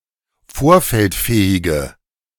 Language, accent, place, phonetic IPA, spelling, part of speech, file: German, Germany, Berlin, [ˈfoːɐ̯fɛltˌfɛːɪɡə], vorfeldfähige, adjective, De-vorfeldfähige.ogg
- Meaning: inflection of vorfeldfähig: 1. strong/mixed nominative/accusative feminine singular 2. strong nominative/accusative plural 3. weak nominative all-gender singular